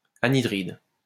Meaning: anhydride
- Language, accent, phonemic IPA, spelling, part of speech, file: French, France, /a.ni.dʁid/, anhydride, noun, LL-Q150 (fra)-anhydride.wav